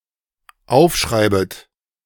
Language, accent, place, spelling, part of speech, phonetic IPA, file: German, Germany, Berlin, aufschreibet, verb, [ˈaʊ̯fˌʃʁaɪ̯bət], De-aufschreibet.ogg
- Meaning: second-person plural dependent subjunctive I of aufschreiben